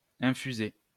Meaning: 1. to infuse 2. to inject
- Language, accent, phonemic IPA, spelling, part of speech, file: French, France, /ɛ̃.fy.ze/, infuser, verb, LL-Q150 (fra)-infuser.wav